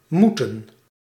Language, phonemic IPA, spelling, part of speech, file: Dutch, /ˈmutə(n)/, moeten, verb, Nl-moeten.ogg
- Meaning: 1. to be necessary, to be required 2. to have to, must 3. should, be meant to, be supposed to 4. to have to go, to need to go, must go 5. to need to go to the toilet